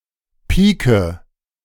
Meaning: first-person singular present of pieken
- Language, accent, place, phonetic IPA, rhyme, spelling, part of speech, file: German, Germany, Berlin, [ˈpiːkə], -iːkə, pieke, verb, De-pieke.ogg